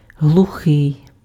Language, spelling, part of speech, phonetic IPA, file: Ukrainian, глухий, adjective / noun, [ɦɫʊˈxɪi̯], Uk-глухий.ogg
- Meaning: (adjective) 1. deaf 2. unvoiced, voiceless; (noun) deaf person